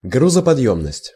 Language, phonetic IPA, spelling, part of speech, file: Russian, [ˌɡruzəpɐdˈjɵmnəsʲtʲ], грузоподъёмность, noun, Ru-грузоподъёмность.ogg
- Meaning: load-carrying capacity, carrying capacity; tonnage